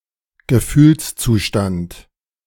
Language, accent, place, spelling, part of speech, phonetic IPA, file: German, Germany, Berlin, Gefühlszustand, noun, [ɡəˈfyːlst͡suːˌʃtant], De-Gefühlszustand.ogg
- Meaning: emotional state